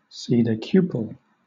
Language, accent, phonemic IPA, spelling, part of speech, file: English, Southern England, /ˌsiːdɛˈkjuːp(ə)l/, sedecuple, adjective / verb, LL-Q1860 (eng)-sedecuple.wav
- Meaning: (adjective) Sixteenfold.: 1. Sixteen times as great or as numerous 2. Sixteen-to-one 3. Comprising sixteen repeated elements; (verb) To increase by a factor of sixteen